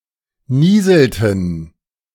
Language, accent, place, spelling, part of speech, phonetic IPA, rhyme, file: German, Germany, Berlin, nieselten, verb, [ˈniːzl̩tn̩], -iːzl̩tn̩, De-nieselten.ogg
- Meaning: inflection of nieseln: 1. third-person plural preterite 2. third-person plural subjunctive II